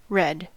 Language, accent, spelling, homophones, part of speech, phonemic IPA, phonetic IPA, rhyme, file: English, US, red, redd, noun / adjective / interjection / verb, /ɹɛd/, [ɻʷɛˑd̥], -ɛd, En-us-red.ogg
- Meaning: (noun) The colour of the setting sun, blood, and strawberries; the colour which is evoked by the longest visible wavelengths (between about 625–740 nm), and a primary additive colour